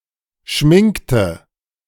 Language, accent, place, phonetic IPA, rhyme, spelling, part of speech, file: German, Germany, Berlin, [ˈʃmɪŋktə], -ɪŋktə, schminkte, verb, De-schminkte.ogg
- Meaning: inflection of schminken: 1. first/third-person singular preterite 2. first/third-person singular subjunctive II